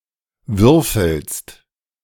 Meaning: second-person singular present of würfeln
- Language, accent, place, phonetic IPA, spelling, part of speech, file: German, Germany, Berlin, [ˈvʏʁfl̩st], würfelst, verb, De-würfelst.ogg